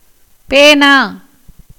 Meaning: pen
- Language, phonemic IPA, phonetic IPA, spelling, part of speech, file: Tamil, /peːnɑː/, [peːnäː], பேனா, noun, Ta-பேனா.ogg